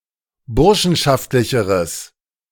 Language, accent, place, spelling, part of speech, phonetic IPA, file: German, Germany, Berlin, burschenschaftlicheres, adjective, [ˈbʊʁʃn̩ʃaftlɪçəʁəs], De-burschenschaftlicheres.ogg
- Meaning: strong/mixed nominative/accusative neuter singular comparative degree of burschenschaftlich